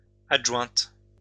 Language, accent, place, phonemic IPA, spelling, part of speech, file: French, France, Lyon, /ad.ʒwɛ̃t/, adjointe, noun, LL-Q150 (fra)-adjointe.wav
- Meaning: deputy, assistant